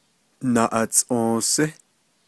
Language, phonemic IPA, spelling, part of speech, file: Navajo, /nɑ̀ʔɑ̀tsʼõ̀ːsɪ́/, naʼatsʼǫǫsí, noun, Nv-naʼatsʼǫǫsí.ogg
- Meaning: mouse